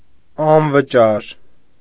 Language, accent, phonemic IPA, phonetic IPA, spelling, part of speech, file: Armenian, Eastern Armenian, /ɑnvəˈt͡ʃɑɾ/, [ɑnvət͡ʃɑ́ɾ], անվճար, adjective, Hy-անվճար.ogg
- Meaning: free of charge